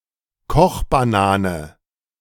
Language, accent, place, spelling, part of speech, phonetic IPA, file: German, Germany, Berlin, Kochbanane, noun, [ˈkɔxbaˌnaːnə], De-Kochbanane.ogg
- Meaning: plantain